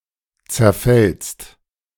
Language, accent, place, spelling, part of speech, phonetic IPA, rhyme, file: German, Germany, Berlin, zerfällst, verb, [t͡sɛɐ̯ˈfɛlst], -ɛlst, De-zerfällst.ogg
- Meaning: second-person singular present of zerfallen